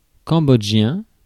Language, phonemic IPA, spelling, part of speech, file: French, /kɑ̃.bɔdʒ.jɛ̃/, cambodgien, adjective, Fr-cambodgien.ogg
- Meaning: of Cambodia; Cambodian